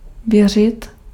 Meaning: 1. to believe 2. to trust
- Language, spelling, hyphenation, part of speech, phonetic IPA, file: Czech, věřit, vě‧řit, verb, [ˈvjɛr̝ɪt], Cs-věřit.ogg